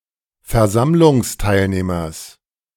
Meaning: genitive singular of Versammlungsteilnehmer
- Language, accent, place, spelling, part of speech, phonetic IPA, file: German, Germany, Berlin, Versammlungsteilnehmers, noun, [fɛɐ̯ˈzamlʊŋsˌtaɪ̯lneːmɐs], De-Versammlungsteilnehmers.ogg